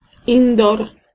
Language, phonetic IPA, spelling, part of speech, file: Polish, [ˈĩndɔr], indor, noun, Pl-indor.ogg